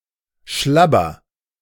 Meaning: inflection of schlabbern: 1. first-person singular present 2. singular imperative
- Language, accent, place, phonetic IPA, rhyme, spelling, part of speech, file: German, Germany, Berlin, [ˈʃlabɐ], -abɐ, schlabber, verb, De-schlabber.ogg